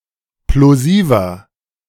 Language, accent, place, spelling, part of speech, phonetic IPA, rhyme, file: German, Germany, Berlin, plosiver, adjective, [ploˈziːvɐ], -iːvɐ, De-plosiver.ogg
- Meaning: inflection of plosiv: 1. strong/mixed nominative masculine singular 2. strong genitive/dative feminine singular 3. strong genitive plural